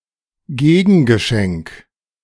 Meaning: reciprocal present
- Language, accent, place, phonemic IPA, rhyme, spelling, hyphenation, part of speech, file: German, Germany, Berlin, /ˈɡeːɡn̩ɡəˌʃɛŋk/, -ɛŋk, Gegengeschenk, Ge‧gen‧ge‧schenk, noun, De-Gegengeschenk.ogg